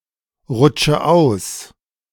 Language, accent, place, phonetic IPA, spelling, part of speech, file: German, Germany, Berlin, [ˌʁʊt͡ʃə ˈaʊ̯s], rutsche aus, verb, De-rutsche aus.ogg
- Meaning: inflection of ausrutschen: 1. first-person singular present 2. first/third-person singular subjunctive I 3. singular imperative